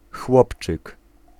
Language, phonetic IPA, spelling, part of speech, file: Polish, [ˈxwɔpt͡ʃɨk], chłopczyk, noun, Pl-chłopczyk.ogg